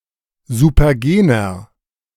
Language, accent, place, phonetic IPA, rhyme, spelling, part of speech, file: German, Germany, Berlin, [zupɐˈɡeːnɐ], -eːnɐ, supergener, adjective, De-supergener.ogg
- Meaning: inflection of supergen: 1. strong/mixed nominative masculine singular 2. strong genitive/dative feminine singular 3. strong genitive plural